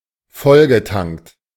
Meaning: past participle of volltanken
- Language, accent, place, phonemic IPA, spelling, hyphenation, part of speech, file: German, Germany, Berlin, /ˈfɔlɡəˌtaŋkt/, vollgetankt, voll‧ge‧tankt, verb, De-vollgetankt.ogg